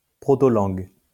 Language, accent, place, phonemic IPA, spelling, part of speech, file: French, France, Lyon, /pʁo.to.lɑ̃ɡ/, protolangue, noun, LL-Q150 (fra)-protolangue.wav
- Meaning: proto-language